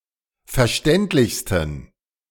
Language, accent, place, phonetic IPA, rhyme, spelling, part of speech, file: German, Germany, Berlin, [fɛɐ̯ˈʃtɛntlɪçstn̩], -ɛntlɪçstn̩, verständlichsten, adjective, De-verständlichsten.ogg
- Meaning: 1. superlative degree of verständlich 2. inflection of verständlich: strong genitive masculine/neuter singular superlative degree